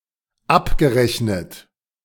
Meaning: past participle of abrechnen
- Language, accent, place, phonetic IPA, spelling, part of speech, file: German, Germany, Berlin, [ˈapɡəˌʁɛçnət], abgerechnet, verb, De-abgerechnet.ogg